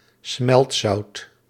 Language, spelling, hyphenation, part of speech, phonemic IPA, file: Dutch, smeltzout, smelt‧zout, noun, /ˈsmɛlt.sɑu̯t/, Nl-smeltzout.ogg
- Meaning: emulsifying salt